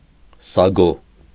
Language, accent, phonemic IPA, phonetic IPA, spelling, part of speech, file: Armenian, Eastern Armenian, /sɑˈɡo/, [sɑɡó], սագո, noun, Hy-սագո.ogg
- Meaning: sago